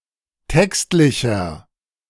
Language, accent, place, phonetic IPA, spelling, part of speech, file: German, Germany, Berlin, [ˈtɛkstlɪçɐ], textlicher, adjective, De-textlicher.ogg
- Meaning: inflection of textlich: 1. strong/mixed nominative masculine singular 2. strong genitive/dative feminine singular 3. strong genitive plural